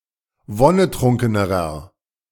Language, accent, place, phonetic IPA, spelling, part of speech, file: German, Germany, Berlin, [ˈvɔnəˌtʁʊŋkənəʁɐ], wonnetrunkenerer, adjective, De-wonnetrunkenerer.ogg
- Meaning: inflection of wonnetrunken: 1. strong/mixed nominative masculine singular comparative degree 2. strong genitive/dative feminine singular comparative degree 3. strong genitive plural comparative degree